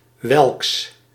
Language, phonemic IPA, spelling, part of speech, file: Dutch, /ˈwɛlᵊks/, welks, pronoun, Nl-welks.ogg
- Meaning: whose